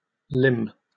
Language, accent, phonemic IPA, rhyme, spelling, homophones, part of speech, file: English, Received Pronunciation, /lɪm/, -ɪm, limn, lim / limb, verb, En-uk-limn.oga
- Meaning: 1. To draw or paint; to delineate 2. To illuminate, as a manuscript; to decorate with gold or some other bright colour